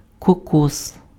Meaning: coconut
- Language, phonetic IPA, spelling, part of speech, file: Ukrainian, [kɔˈkɔs], кокос, noun, Uk-кокос.ogg